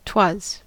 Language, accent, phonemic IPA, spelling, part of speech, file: English, US, /twʌz/, 'twas, contraction, En-us-'twas.ogg
- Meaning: Contraction of it + was, often at the beginning of a line